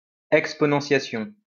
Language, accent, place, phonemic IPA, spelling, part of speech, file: French, France, Lyon, /ɛk.spɔ.nɑ̃.sja.sjɔ̃/, exponentiation, noun, LL-Q150 (fra)-exponentiation.wav
- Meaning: exponentiation (process of calculating a power by multiplying together a number of equal factors, where the exponent specifies the number of factors to multiply)